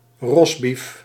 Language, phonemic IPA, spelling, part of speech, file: Dutch, /ˈrɔs.bif/, rosbief, noun, Nl-rosbief.ogg
- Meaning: roast beef